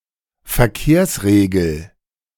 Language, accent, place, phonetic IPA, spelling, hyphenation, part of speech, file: German, Germany, Berlin, [fɛɐ̯ˈkeːɐ̯sʁeːɡl̩], Verkehrsregel, Ver‧kehrs‧re‧gel, noun, De-Verkehrsregel.ogg
- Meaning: traffic regulation